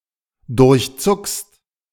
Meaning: second-person singular present of durchzucken
- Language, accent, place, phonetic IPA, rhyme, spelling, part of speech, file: German, Germany, Berlin, [dʊʁçˈt͡sʊkst], -ʊkst, durchzuckst, verb, De-durchzuckst.ogg